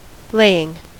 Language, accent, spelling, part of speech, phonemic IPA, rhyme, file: English, US, laying, verb / noun, /ˈleɪ.ɪŋ/, -eɪɪŋ, En-us-laying.ogg
- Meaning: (verb) present participle and gerund of lay; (noun) The act by which something is laid (in any sense)